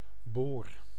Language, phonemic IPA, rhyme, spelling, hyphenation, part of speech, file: Dutch, /boːr/, -oːr, boor, boor, noun / verb, Nl-boor.ogg
- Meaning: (noun) 1. drill 2. boron; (verb) inflection of boren: 1. first-person singular present indicative 2. second-person singular present indicative 3. imperative